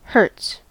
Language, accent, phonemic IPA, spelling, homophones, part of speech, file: English, US, /hɝts/, hertz, hurts, noun, En-us-hertz.ogg
- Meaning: In the International System of Units, the derived unit of frequency; one (period or cycle of any periodic event) per second